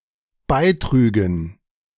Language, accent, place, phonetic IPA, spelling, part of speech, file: German, Germany, Berlin, [ˈbaɪ̯ˌtʁyːɡn̩], beitrügen, verb, De-beitrügen.ogg
- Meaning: first/third-person plural dependent subjunctive II of beitragen